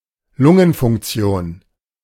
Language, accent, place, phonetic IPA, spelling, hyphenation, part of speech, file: German, Germany, Berlin, [ˈlʊŋənfʊŋkˌtsi̯oːn], Lungenfunktion, Lun‧gen‧funk‧ti‧on, noun, De-Lungenfunktion.ogg
- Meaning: lung function